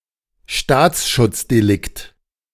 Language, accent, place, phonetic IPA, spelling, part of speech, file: German, Germany, Berlin, [ˈʃtaːt͡sʃʊt͡sdeˌlɪkt], Staatsschutzdelikt, noun, De-Staatsschutzdelikt.ogg
- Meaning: crime against the state